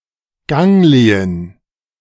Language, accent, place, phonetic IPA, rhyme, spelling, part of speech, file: German, Germany, Berlin, [ˈɡɛŋlət], -ɛŋlət, gänglet, verb, De-gänglet.ogg
- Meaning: second-person plural subjunctive I of gängeln